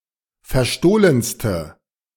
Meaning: inflection of verstohlen: 1. strong/mixed nominative/accusative feminine singular superlative degree 2. strong nominative/accusative plural superlative degree
- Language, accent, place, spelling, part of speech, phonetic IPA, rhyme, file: German, Germany, Berlin, verstohlenste, adjective, [fɛɐ̯ˈʃtoːlənstə], -oːlənstə, De-verstohlenste.ogg